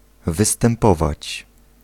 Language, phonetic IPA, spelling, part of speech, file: Polish, [ˌvɨstɛ̃mˈpɔvat͡ɕ], występować, verb, Pl-występować.ogg